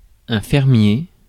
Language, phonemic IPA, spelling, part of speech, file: French, /fɛʁ.mje/, fermier, adjective / noun, Fr-fermier.ogg
- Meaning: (adjective) farmer